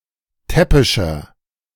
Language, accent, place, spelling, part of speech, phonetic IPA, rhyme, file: German, Germany, Berlin, täppischer, adjective, [ˈtɛpɪʃɐ], -ɛpɪʃɐ, De-täppischer.ogg
- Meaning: 1. comparative degree of täppisch 2. inflection of täppisch: strong/mixed nominative masculine singular 3. inflection of täppisch: strong genitive/dative feminine singular